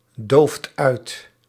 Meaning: inflection of uitdoven: 1. second/third-person singular present indicative 2. plural imperative
- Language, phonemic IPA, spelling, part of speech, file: Dutch, /ˈdoft ˈœyt/, dooft uit, verb, Nl-dooft uit.ogg